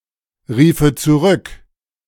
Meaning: first/third-person singular subjunctive II of zurückrufen
- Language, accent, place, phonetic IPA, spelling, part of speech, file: German, Germany, Berlin, [ˌʁiːfə t͡suˈʁʏk], riefe zurück, verb, De-riefe zurück.ogg